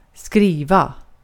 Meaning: 1. to write, to type, to copy; to put letters and digits on a surface, using a pen or typewriter 2. to be literate, to be able to write and spell
- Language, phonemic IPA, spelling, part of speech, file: Swedish, /²skriːva/, skriva, verb, Sv-skriva.ogg